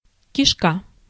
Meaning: 1. gut, intestine, bowel 2. giblets, pluck 3. insides, contents, spares 4. hose (for watering) 5. tunnel, tunnel-like room
- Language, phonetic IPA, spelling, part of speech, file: Russian, [kʲɪʂˈka], кишка, noun, Ru-кишка.ogg